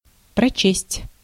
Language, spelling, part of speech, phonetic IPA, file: Russian, прочесть, verb, [prɐˈt͡ɕesʲtʲ], Ru-прочесть.ogg
- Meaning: 1. to finish reading, to read through 2. to recite